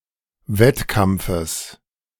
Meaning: genitive singular of Wettkampf
- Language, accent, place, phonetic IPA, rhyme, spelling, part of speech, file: German, Germany, Berlin, [ˈvɛtˌkamp͡fəs], -ɛtkamp͡fəs, Wettkampfes, noun, De-Wettkampfes.ogg